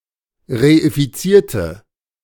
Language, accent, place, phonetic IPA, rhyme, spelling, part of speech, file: German, Germany, Berlin, [ʁeifiˈt͡siːɐ̯tə], -iːɐ̯tə, reifizierte, adjective / verb, De-reifizierte.ogg
- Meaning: inflection of reifizieren: 1. first/third-person singular preterite 2. first/third-person singular subjunctive II